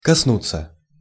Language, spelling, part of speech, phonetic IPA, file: Russian, коснуться, verb, [kɐsˈnut͡sːə], Ru-коснуться.ogg
- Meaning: 1. to touch (make physical contact with) 2. to concern, to have to do with 3. to affect